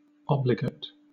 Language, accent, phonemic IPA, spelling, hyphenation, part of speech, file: English, Southern England, /ˈɒb.lɪ.ɡɪt/, obligate, ob‧li‧gate, adjective, LL-Q1860 (eng)-obligate.wav
- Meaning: 1. Requiring a (specified) way of life, habitat, etc 2. Indispensable; essential; necessary; obligatory; mandatory; unavoidably invoked 3. Bound by oath, law or duty